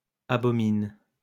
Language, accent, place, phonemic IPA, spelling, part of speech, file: French, France, Lyon, /a.bɔ.min/, abomine, verb, LL-Q150 (fra)-abomine.wav
- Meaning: inflection of abominer: 1. first/third-person singular present indicative/subjunctive 2. second-person singular imperative